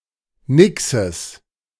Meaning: genitive singular of Nix
- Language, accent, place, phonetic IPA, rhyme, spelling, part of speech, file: German, Germany, Berlin, [ˈnɪksəs], -ɪksəs, Nixes, noun, De-Nixes.ogg